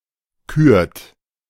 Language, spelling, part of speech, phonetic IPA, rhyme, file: German, kürt, verb, [kyːɐ̯t], -yːɐ̯t, De-kürt.oga
- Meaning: inflection of küren: 1. second-person plural present 2. third-person singular present 3. plural imperative